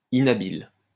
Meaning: unskilful; maladroit
- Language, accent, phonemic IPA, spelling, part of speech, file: French, France, /i.na.bil/, inhabile, adjective, LL-Q150 (fra)-inhabile.wav